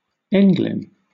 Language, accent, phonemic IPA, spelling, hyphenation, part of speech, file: English, Southern England, /ˈɛŋ.lɪn/, englyn, eng‧lyn, noun, LL-Q1860 (eng)-englyn.wav